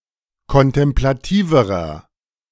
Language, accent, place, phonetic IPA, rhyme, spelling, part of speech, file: German, Germany, Berlin, [kɔntɛmplaˈtiːvəʁɐ], -iːvəʁɐ, kontemplativerer, adjective, De-kontemplativerer.ogg
- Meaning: inflection of kontemplativ: 1. strong/mixed nominative masculine singular comparative degree 2. strong genitive/dative feminine singular comparative degree 3. strong genitive plural comparative degree